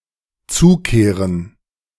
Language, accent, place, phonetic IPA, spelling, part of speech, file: German, Germany, Berlin, [ˈt͡suːˌkeːʁən], zukehren, verb, De-zukehren.ogg
- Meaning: 1. to turn (rotate) something 2. to stop for a bite to eat on the way 3. to visit briefly